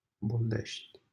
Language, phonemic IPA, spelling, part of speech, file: Romanian, /bolˈdeʃtʲ/, Boldești, proper noun, LL-Q7913 (ron)-Boldești.wav
- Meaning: a city in Prahova County, Romania